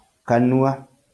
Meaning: mouth
- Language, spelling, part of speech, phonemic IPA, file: Kikuyu, kanua, noun, /kànùà(ꜜ)/, LL-Q33587 (kik)-kanua.wav